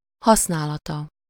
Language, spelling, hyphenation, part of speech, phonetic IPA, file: Hungarian, használata, hasz‧ná‧la‧ta, noun, [ˈhɒsnaːlɒtɒ], Hu-használata.ogg
- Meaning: third-person singular single-possession possessive of használat